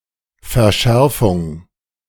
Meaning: 1. tightening, intensification 2. Holtzmann's law: a sound change whereby Proto-Germanic *jj became ddj in Gothic and ggj in Old Norse, while *ww became ggw in both Gothic and Old Norse
- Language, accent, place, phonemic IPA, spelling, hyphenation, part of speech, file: German, Germany, Berlin, /fɛʁˈʃɛʁfʊŋ/, Verschärfung, Ver‧schär‧fung, noun, De-Verschärfung.ogg